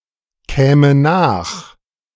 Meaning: first/third-person singular subjunctive II of nachkommen
- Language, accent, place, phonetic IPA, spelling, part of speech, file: German, Germany, Berlin, [ˌkɛːmə ˈnaːx], käme nach, verb, De-käme nach.ogg